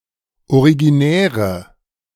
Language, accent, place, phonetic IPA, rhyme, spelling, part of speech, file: German, Germany, Berlin, [oʁiɡiˈnɛːʁə], -ɛːʁə, originäre, adjective, De-originäre.ogg
- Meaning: inflection of originär: 1. strong/mixed nominative/accusative feminine singular 2. strong nominative/accusative plural 3. weak nominative all-gender singular